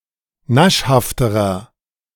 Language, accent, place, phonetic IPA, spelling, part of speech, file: German, Germany, Berlin, [ˈnaʃhaftəʁɐ], naschhafterer, adjective, De-naschhafterer.ogg
- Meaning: inflection of naschhaft: 1. strong/mixed nominative masculine singular comparative degree 2. strong genitive/dative feminine singular comparative degree 3. strong genitive plural comparative degree